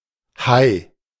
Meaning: shark
- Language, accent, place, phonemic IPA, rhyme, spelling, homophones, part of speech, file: German, Germany, Berlin, /haɪ̯/, -aɪ̯, Hai, high, noun, De-Hai.ogg